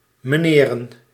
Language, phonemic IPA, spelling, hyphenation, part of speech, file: Dutch, /məˈneːrə(n)/, meneren, me‧ne‧ren, noun, Nl-meneren.ogg
- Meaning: plural of meneer